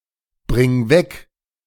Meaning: singular imperative of wegbringen
- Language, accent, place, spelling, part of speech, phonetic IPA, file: German, Germany, Berlin, bring weg, verb, [ˌbʁɪŋ ˈvɛk], De-bring weg.ogg